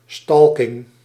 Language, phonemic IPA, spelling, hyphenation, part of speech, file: Dutch, /ˈstɑl.kɪŋ/, stalking, stal‧king, noun, Nl-stalking.ogg
- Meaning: stalking (act or crime of following and harassing someone)